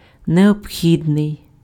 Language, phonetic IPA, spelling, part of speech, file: Ukrainian, [neobˈxʲidnei̯], необхідний, adjective, Uk-необхідний.ogg
- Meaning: indispensable, necessary, required, requisite (which one cannot do without)